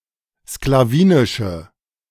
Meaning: inflection of sklawinisch: 1. strong/mixed nominative/accusative feminine singular 2. strong nominative/accusative plural 3. weak nominative all-gender singular
- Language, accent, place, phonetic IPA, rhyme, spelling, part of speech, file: German, Germany, Berlin, [sklaˈviːnɪʃə], -iːnɪʃə, sklawinische, adjective, De-sklawinische.ogg